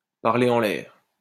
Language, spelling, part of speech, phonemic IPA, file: French, parler en l'air, verb, /paʁ.le ɑ̃ l‿ɛʁ/, LL-Q150 (fra)-parler en l'air.wav
- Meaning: 1. to waste one's breath (to speak without being listened to) 2. to blow smoke; to talk through one's hat (to speak about issues one doesn't understand)